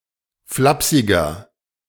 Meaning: 1. comparative degree of flapsig 2. inflection of flapsig: strong/mixed nominative masculine singular 3. inflection of flapsig: strong genitive/dative feminine singular
- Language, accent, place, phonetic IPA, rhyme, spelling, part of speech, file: German, Germany, Berlin, [ˈflapsɪɡɐ], -apsɪɡɐ, flapsiger, adjective, De-flapsiger.ogg